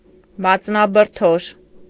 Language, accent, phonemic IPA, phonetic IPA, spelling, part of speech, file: Armenian, Eastern Armenian, /mɑt͡snɑbəɾˈtʰoʃ/, [mɑt͡snɑbəɾtʰóʃ], մածնաբրդոշ, noun, Hy-մածնաբրդոշ.ogg
- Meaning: a dish similar to okroshka